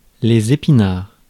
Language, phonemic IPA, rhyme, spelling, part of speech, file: French, /e.pi.naʁ/, -aʁ, épinards, noun, Fr-épinards.ogg
- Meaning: 1. plural of épinard 2. spinach (foodstuff)